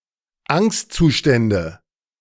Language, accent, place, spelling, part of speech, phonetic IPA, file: German, Germany, Berlin, Angstzustände, noun, [ˈaŋstt͡suˌʃtɛndə], De-Angstzustände.ogg
- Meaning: nominative/accusative/genitive plural of Angstzustand